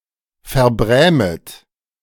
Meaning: second-person plural subjunctive I of verbrämen
- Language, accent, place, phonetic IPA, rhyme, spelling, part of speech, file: German, Germany, Berlin, [fɛɐ̯ˈbʁɛːmət], -ɛːmət, verbrämet, verb, De-verbrämet.ogg